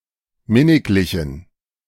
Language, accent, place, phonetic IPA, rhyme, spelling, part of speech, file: German, Germany, Berlin, [ˈmɪnɪklɪçn̩], -ɪnɪklɪçn̩, minniglichen, adjective, De-minniglichen.ogg
- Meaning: inflection of minniglich: 1. strong genitive masculine/neuter singular 2. weak/mixed genitive/dative all-gender singular 3. strong/weak/mixed accusative masculine singular 4. strong dative plural